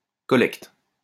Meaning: collecting, collection
- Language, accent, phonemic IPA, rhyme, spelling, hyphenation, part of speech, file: French, France, /kɔ.lɛkt/, -ɛkt, collecte, col‧lecte, noun, LL-Q150 (fra)-collecte.wav